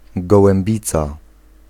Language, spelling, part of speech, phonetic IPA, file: Polish, gołębica, noun, [ˌɡɔwɛ̃mˈbʲit͡sa], Pl-gołębica.ogg